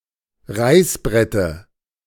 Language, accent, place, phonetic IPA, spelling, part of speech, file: German, Germany, Berlin, [ˈʁaɪ̯sˌbʁɛtə], Reißbrette, noun, De-Reißbrette.ogg
- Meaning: dative of Reißbrett